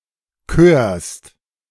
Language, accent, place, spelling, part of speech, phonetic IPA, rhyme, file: German, Germany, Berlin, körst, verb, [køːɐ̯st], -øːɐ̯st, De-körst.ogg
- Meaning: second-person singular present of kören